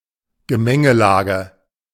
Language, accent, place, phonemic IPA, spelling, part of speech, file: German, Germany, Berlin, /ɡəˈmɛŋəˌlaːɡə/, Gemengelage, noun, De-Gemengelage.ogg
- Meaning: fields or properties belonging to the same owner that are scattered and spread out instead of continuous